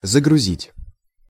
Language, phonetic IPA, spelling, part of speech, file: Russian, [zəɡrʊˈzʲitʲ], загрузить, verb, Ru-загрузить.ogg
- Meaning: 1. to load 2. to feed 3. to engage, to occupy 4. to boot, to load, to download 5. to bend someone's ear, to ramble on